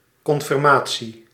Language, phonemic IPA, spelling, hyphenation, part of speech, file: Dutch, /kɔnfɪrˈmaː.(t)si/, confirmatie, con‧fir‧ma‧tie, noun, Nl-confirmatie.ogg
- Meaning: confirmation